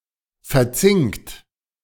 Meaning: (verb) past participle of verzinken; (adjective) galvanized (coated with zinc)
- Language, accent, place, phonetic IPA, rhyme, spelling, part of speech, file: German, Germany, Berlin, [fɛɐ̯ˈt͡sɪŋkt], -ɪŋkt, verzinkt, verb, De-verzinkt.ogg